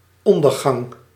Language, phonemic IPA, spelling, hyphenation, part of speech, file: Dutch, /ˈɔndərˌɣɑŋ/, ondergang, on‧der‧gang, noun, Nl-ondergang.ogg
- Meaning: 1. the setting (of the sun or moon) 2. downfall, ruination